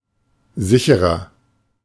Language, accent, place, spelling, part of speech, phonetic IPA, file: German, Germany, Berlin, sicherer, adjective, [ˈzɪçəʁɐ], De-sicherer.ogg
- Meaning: inflection of sicher: 1. strong/mixed nominative masculine singular 2. strong genitive/dative feminine singular 3. strong genitive plural